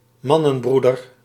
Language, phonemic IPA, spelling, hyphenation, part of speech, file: Dutch, /ˈmɑ.nə(n)ˌbru.dər/, mannenbroeder, man‧nen‧broe‧der, noun, Nl-mannenbroeder.ogg
- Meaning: 1. orthodox Reformed Protestestant (in contemporary Dutch this strongly suggests that the referent is gereformeerd) 2. brother (as a title not necessarily denoting actual kinship)